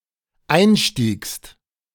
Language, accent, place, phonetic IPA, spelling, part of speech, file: German, Germany, Berlin, [ˈaɪ̯nˌʃtiːkst], einstiegst, verb, De-einstiegst.ogg
- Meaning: second-person singular dependent preterite of einsteigen